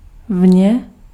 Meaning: outside
- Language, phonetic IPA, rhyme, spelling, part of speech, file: Czech, [ˈvɲɛ], -ɲɛ, vně, preposition, Cs-vně.ogg